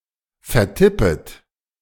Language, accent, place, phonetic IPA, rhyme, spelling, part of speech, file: German, Germany, Berlin, [fɛɐ̯ˈtɪpət], -ɪpət, vertippet, verb, De-vertippet.ogg
- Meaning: second-person plural subjunctive I of vertippen